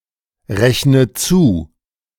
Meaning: inflection of zurechnen: 1. first-person singular present 2. first/third-person singular subjunctive I 3. singular imperative
- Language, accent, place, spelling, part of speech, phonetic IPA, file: German, Germany, Berlin, rechne zu, verb, [ˌʁɛçnə ˈt͡suː], De-rechne zu.ogg